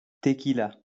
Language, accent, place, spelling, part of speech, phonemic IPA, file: French, France, Lyon, tequila, noun, /te.ki.la/, LL-Q150 (fra)-tequila.wav
- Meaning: tequila (beverage)